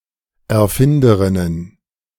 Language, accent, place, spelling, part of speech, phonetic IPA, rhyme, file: German, Germany, Berlin, Erfinderinnen, noun, [ɛɐ̯ˈfɪndəʁɪnən], -ɪndəʁɪnən, De-Erfinderinnen.ogg
- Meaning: plural of Erfinderin